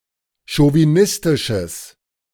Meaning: strong/mixed nominative/accusative neuter singular of chauvinistisch
- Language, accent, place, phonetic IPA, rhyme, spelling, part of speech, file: German, Germany, Berlin, [ʃoviˈnɪstɪʃəs], -ɪstɪʃəs, chauvinistisches, adjective, De-chauvinistisches.ogg